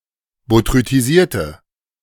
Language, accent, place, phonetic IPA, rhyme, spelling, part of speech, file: German, Germany, Berlin, [botʁytiˈziːɐ̯tə], -iːɐ̯tə, botrytisierte, adjective, De-botrytisierte.ogg
- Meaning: inflection of botrytisiert: 1. strong/mixed nominative/accusative feminine singular 2. strong nominative/accusative plural 3. weak nominative all-gender singular